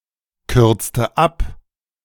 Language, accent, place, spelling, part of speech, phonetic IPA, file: German, Germany, Berlin, kürzte ab, verb, [ˌkʏʁt͡stə ˈap], De-kürzte ab.ogg
- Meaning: inflection of abkürzen: 1. first/third-person singular preterite 2. first/third-person singular subjunctive II